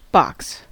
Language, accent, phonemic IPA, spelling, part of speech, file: English, US, /bɑks/, box, noun / verb, En-us-box.ogg
- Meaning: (noun) Senses relating to a three-dimensional object or space.: 1. A cuboid space; a cuboid container, often with a hinged lid 2. A cuboid container and its contents; as much as fills such a container